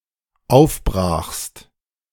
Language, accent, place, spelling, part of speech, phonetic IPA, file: German, Germany, Berlin, aufbrachst, verb, [ˈaʊ̯fˌbʁaːxst], De-aufbrachst.ogg
- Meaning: second-person singular dependent preterite of aufbrechen